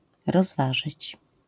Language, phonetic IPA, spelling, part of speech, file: Polish, [rɔzˈvaʒɨt͡ɕ], rozważyć, verb, LL-Q809 (pol)-rozważyć.wav